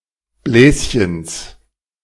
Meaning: genitive singular of Bläschen
- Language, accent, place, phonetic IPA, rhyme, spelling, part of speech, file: German, Germany, Berlin, [ˈblɛːsçəns], -ɛːsçəns, Bläschens, noun, De-Bläschens.ogg